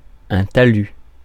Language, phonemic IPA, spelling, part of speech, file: French, /ta.ly/, talus, noun, Fr-talus.ogg
- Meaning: slope, embankment